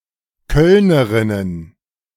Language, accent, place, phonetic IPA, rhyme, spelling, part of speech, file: German, Germany, Berlin, [ˈkœlnəˌʁɪnən], -œlnəʁɪnən, Kölnerinnen, noun, De-Kölnerinnen.ogg
- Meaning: plural of Kölnerin